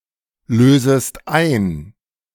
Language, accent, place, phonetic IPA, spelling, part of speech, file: German, Germany, Berlin, [ˌløːzəst ˈaɪ̯n], lösest ein, verb, De-lösest ein.ogg
- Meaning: second-person singular subjunctive I of einlösen